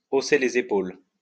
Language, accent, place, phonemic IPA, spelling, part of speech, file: French, France, Lyon, /o.se le.z‿e.pol/, hausser les épaules, verb, LL-Q150 (fra)-hausser les épaules.wav
- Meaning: to shrug